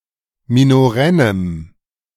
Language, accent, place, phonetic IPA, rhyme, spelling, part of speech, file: German, Germany, Berlin, [minoˈʁɛnəm], -ɛnəm, minorennem, adjective, De-minorennem.ogg
- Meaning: strong dative masculine/neuter singular of minorenn